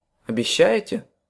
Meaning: second-person plural present indicative imperfective of обеща́ть (obeščátʹ)
- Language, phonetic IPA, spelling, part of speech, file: Russian, [ɐbʲɪˈɕːæ(j)ɪtʲe], обещаете, verb, Ru-обещаете.ogg